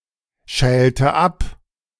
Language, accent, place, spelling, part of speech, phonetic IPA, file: German, Germany, Berlin, schälte ab, verb, [ˌʃɛːltə ˈap], De-schälte ab.ogg
- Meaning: inflection of abschälen: 1. first/third-person singular preterite 2. first/third-person singular subjunctive II